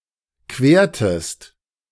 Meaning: inflection of queren: 1. second-person singular preterite 2. second-person singular subjunctive II
- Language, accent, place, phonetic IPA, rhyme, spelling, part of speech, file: German, Germany, Berlin, [ˈkveːɐ̯təst], -eːɐ̯təst, quertest, verb, De-quertest.ogg